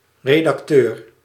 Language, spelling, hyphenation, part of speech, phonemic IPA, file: Dutch, redacteur, re‧dac‧teur, noun, /redɑkˈtør/, Nl-redacteur.ogg
- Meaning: editor